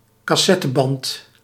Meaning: cassette tape
- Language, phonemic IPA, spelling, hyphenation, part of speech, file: Dutch, /kɑˈsɛ.təˌbɑnt/, cassetteband, cas‧set‧te‧band, noun, Nl-cassetteband.ogg